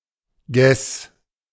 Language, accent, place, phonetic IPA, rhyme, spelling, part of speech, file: German, Germany, Berlin, [ɡɛs], -ɛs, Ges, noun, De-Ges.ogg
- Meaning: G-flat